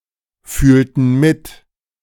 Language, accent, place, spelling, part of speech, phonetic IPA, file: German, Germany, Berlin, fühlten mit, verb, [ˌfyːltn̩ ˈmɪt], De-fühlten mit.ogg
- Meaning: inflection of mitfühlen: 1. first/third-person plural preterite 2. first/third-person plural subjunctive II